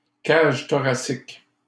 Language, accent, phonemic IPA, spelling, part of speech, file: French, Canada, /kaʒ tɔ.ʁa.sik/, cage thoracique, noun, LL-Q150 (fra)-cage thoracique.wav
- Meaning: rib cage (part of skeleton)